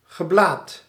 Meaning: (noun) bleating; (verb) past participle of blaten
- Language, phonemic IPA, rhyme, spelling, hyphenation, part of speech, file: Dutch, /ɣəˈblaːt/, -aːt, geblaat, ge‧blaat, noun / verb, Nl-geblaat.ogg